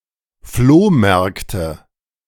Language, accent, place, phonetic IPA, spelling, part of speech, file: German, Germany, Berlin, [ˈfloːˌmɛʁktə], Flohmärkte, noun, De-Flohmärkte.ogg
- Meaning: nominative/accusative/genitive plural of Flohmarkt